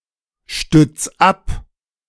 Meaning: 1. singular imperative of abstützen 2. first-person singular present of abstützen
- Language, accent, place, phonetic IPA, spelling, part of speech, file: German, Germany, Berlin, [ˌʃtʏt͡s ˈap], stütz ab, verb, De-stütz ab.ogg